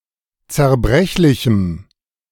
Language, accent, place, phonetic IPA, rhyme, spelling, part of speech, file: German, Germany, Berlin, [t͡sɛɐ̯ˈbʁɛçlɪçm̩], -ɛçlɪçm̩, zerbrechlichem, adjective, De-zerbrechlichem.ogg
- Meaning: strong dative masculine/neuter singular of zerbrechlich